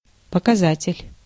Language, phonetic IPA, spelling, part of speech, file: Russian, [pəkɐˈzatʲɪlʲ], показатель, noun, Ru-показатель.ogg
- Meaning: 1. indicator, measure, index (sign, indication, token) 2. exponent, index 3. figure 4. rate, ratio 5. parameter, factor